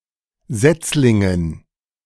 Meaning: dative plural of Setzling
- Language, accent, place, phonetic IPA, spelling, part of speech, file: German, Germany, Berlin, [ˈzɛt͡slɪŋən], Setzlingen, noun, De-Setzlingen.ogg